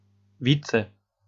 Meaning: deputy (short for any word prefixed with vize-)
- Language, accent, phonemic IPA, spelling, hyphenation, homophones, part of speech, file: German, Austria, /ˈviːt͡sə/, Vize, Vi‧ze, Fietse, noun, De-at-Vize.ogg